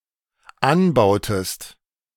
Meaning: inflection of anbauen: 1. second-person singular dependent preterite 2. second-person singular dependent subjunctive II
- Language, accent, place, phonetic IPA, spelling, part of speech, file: German, Germany, Berlin, [ˈanˌbaʊ̯təst], anbautest, verb, De-anbautest.ogg